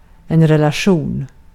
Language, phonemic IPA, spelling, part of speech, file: Swedish, /rɛlaˈɧuːn/, relation, noun, Sv-relation.ogg
- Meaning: 1. relation; how two things may be associated 2. relation; set of ordered tuples 3. relation; retrievable by a database